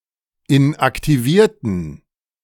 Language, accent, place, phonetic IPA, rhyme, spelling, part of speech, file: German, Germany, Berlin, [ɪnʔaktiˈviːɐ̯tn̩], -iːɐ̯tn̩, inaktivierten, adjective / verb, De-inaktivierten.ogg
- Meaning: inflection of inaktivieren: 1. first/third-person plural preterite 2. first/third-person plural subjunctive II